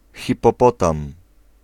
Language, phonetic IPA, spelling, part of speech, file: Polish, [ˌxʲipɔˈpɔtãm], hipopotam, noun, Pl-hipopotam.ogg